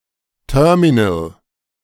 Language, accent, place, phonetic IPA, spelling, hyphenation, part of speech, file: German, Germany, Berlin, [ˈtœːɐ̯minl̩], Terminal, Ter‧mi‧nal, noun, De-Terminal.ogg
- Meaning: terminal (at an airport etc.)